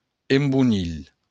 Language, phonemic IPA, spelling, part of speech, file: Occitan, /embuˈnil/, embonilh, noun, LL-Q942602-embonilh.wav
- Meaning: navel